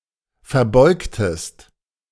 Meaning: inflection of verbeugen: 1. second-person singular preterite 2. second-person singular subjunctive II
- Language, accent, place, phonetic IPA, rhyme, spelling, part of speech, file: German, Germany, Berlin, [fɛɐ̯ˈbɔɪ̯ktəst], -ɔɪ̯ktəst, verbeugtest, verb, De-verbeugtest.ogg